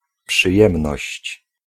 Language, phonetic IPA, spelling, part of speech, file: Polish, [pʃɨˈjɛ̃mnɔɕt͡ɕ], przyjemność, noun, Pl-przyjemność.ogg